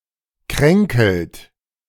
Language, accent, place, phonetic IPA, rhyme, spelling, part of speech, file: German, Germany, Berlin, [ˈkʁɛŋkl̩t], -ɛŋkl̩t, kränkelt, verb, De-kränkelt.ogg
- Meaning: inflection of kränkeln: 1. second-person plural present 2. third-person singular present 3. plural imperative